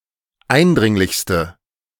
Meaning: inflection of eindringlich: 1. strong/mixed nominative/accusative feminine singular superlative degree 2. strong nominative/accusative plural superlative degree
- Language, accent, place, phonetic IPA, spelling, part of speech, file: German, Germany, Berlin, [ˈaɪ̯nˌdʁɪŋlɪçstə], eindringlichste, adjective, De-eindringlichste.ogg